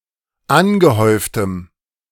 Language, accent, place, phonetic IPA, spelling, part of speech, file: German, Germany, Berlin, [ˈanɡəˌhɔɪ̯ftəm], angehäuftem, adjective, De-angehäuftem.ogg
- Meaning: strong dative masculine/neuter singular of angehäuft